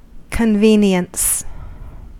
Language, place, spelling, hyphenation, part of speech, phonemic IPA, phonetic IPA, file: English, California, convenience, con‧ve‧nience, noun / verb, /kənˈvinjəns/, [kənˈvinjənts], En-us-convenience.ogg
- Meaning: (noun) 1. The quality of being convenient 2. Any object that makes life more convenient; a helpful item 3. A convenient time 4. Ellipsis of public convenience (“a public lavatory”)